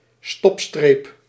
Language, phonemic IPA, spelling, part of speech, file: Dutch, /ˈstɔp.streːp/, stopstreep, noun, Nl-stopstreep.ogg
- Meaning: stop line